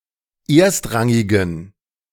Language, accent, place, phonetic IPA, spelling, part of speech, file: German, Germany, Berlin, [ˈeːɐ̯stˌʁaŋɪɡn̩], erstrangigen, adjective, De-erstrangigen.ogg
- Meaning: inflection of erstrangig: 1. strong genitive masculine/neuter singular 2. weak/mixed genitive/dative all-gender singular 3. strong/weak/mixed accusative masculine singular 4. strong dative plural